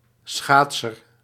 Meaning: skater, ice-skater
- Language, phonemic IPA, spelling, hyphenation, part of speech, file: Dutch, /ˈsxaːt.sər/, schaatser, schaat‧ser, noun, Nl-schaatser.ogg